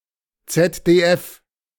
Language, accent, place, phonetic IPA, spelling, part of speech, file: German, Germany, Berlin, [ˌt͡sɛtdeːˈʔɛf], ZDF, abbreviation, De-ZDF.ogg
- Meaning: initialism of Zweites Deutsches Fernsehen (TV station)